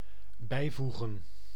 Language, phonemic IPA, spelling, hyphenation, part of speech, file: Dutch, /ˈbɛi̯ˌvu.ɣə(n)/, bijvoegen, bij‧voe‧gen, verb, Nl-bijvoegen.ogg
- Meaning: 1. to add, to include, to attach 2. to enclose